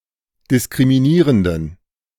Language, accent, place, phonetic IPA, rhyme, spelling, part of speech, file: German, Germany, Berlin, [dɪskʁimiˈniːʁəndn̩], -iːʁəndn̩, diskriminierenden, adjective, De-diskriminierenden.ogg
- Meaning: inflection of diskriminierend: 1. strong genitive masculine/neuter singular 2. weak/mixed genitive/dative all-gender singular 3. strong/weak/mixed accusative masculine singular 4. strong dative plural